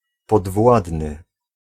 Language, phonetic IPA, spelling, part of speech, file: Polish, [pɔdˈvwadnɨ], podwładny, adjective / noun, Pl-podwładny.ogg